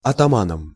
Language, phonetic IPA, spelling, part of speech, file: Russian, [ɐtɐˈmanəm], атаманом, noun, Ru-атаманом.ogg
- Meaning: instrumental singular of атама́н (atamán)